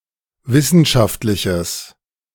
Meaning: strong/mixed nominative/accusative neuter singular of wissenschaftlich
- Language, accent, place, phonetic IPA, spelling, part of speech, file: German, Germany, Berlin, [ˈvɪsn̩ʃaftlɪçəs], wissenschaftliches, adjective, De-wissenschaftliches.ogg